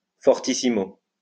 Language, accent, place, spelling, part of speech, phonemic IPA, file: French, France, Lyon, fortissimo, adverb, /fɔʁ.ti.si.mo/, LL-Q150 (fra)-fortissimo.wav
- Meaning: fortissimo